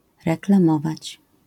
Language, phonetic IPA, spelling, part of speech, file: Polish, [ˌrɛklãˈmɔvat͡ɕ], reklamować, verb, LL-Q809 (pol)-reklamować.wav